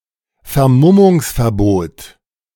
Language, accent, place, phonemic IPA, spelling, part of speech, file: German, Germany, Berlin, /fɛɐ̯ˈmʊmʊŋsfɛɐ̯ˌboːt/, Vermummungsverbot, noun, De-Vermummungsverbot.ogg
- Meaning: a law making it illegal to cover one's face at a demonstration